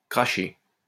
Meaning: 1. to crash-land 2. to crash
- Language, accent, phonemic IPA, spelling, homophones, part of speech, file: French, France, /kʁa.ʃe/, crasher, cracher, verb, LL-Q150 (fra)-crasher.wav